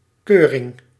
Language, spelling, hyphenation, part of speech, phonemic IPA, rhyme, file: Dutch, keuring, keu‧ring, noun, /ˈkøː.rɪŋ/, -øːrɪŋ, Nl-keuring.ogg
- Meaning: check, certification